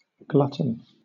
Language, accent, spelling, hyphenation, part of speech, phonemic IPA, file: English, Southern England, glutton, glut‧ton, adjective / noun / verb, /ˈɡlʌtn̩/, LL-Q1860 (eng)-glutton.wav
- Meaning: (adjective) Gluttonous; greedy; gormandizing; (noun) 1. One who eats voraciously, obsessively, or to excess; a gormandizer 2. One who consumes anything voraciously, obsessively, or to excess